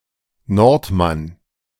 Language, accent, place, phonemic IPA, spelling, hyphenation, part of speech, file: German, Germany, Berlin, /ˈnɔʁtˌman/, Nordmann, Nord‧mann, noun / proper noun, De-Nordmann.ogg
- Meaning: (noun) 1. Norseman, Viking, Scandinavian 2. someone from the north (of any given reference point); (proper noun) a surname